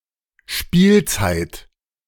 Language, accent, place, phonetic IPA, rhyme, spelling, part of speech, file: German, Germany, Berlin, [ˈʃpiːlt͡saɪ̯t], -iːlt͡saɪ̯t, Spielzeit, noun, De-Spielzeit.ogg
- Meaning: season